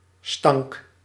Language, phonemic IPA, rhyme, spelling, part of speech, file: Dutch, /stɑŋk/, -ɑŋk, stank, noun, Nl-stank.ogg
- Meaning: stench, stink